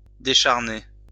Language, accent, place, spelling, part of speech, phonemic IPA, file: French, France, Lyon, décharner, verb, /de.ʃaʁ.ne/, LL-Q150 (fra)-décharner.wav
- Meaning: 1. to remove the flesh from bones or skin; to deflesh 2. to emaciate